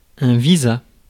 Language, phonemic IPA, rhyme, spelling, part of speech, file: French, /vi.za/, -za, visa, noun, Fr-visa.ogg
- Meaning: 1. a mark or stamp attesting to the performance of an official action 2. a travel visa